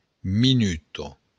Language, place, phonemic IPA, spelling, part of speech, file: Occitan, Béarn, /miˈnyto/, minuta, noun, LL-Q14185 (oci)-minuta.wav
- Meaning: minute (unit of time)